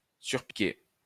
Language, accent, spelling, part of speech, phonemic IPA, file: French, France, surpiquer, verb, /syʁ.pi.ke/, LL-Q150 (fra)-surpiquer.wav
- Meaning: to overstitch